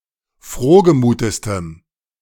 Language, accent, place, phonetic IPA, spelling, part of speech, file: German, Germany, Berlin, [ˈfʁoːɡəˌmuːtəstəm], frohgemutestem, adjective, De-frohgemutestem.ogg
- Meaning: strong dative masculine/neuter singular superlative degree of frohgemut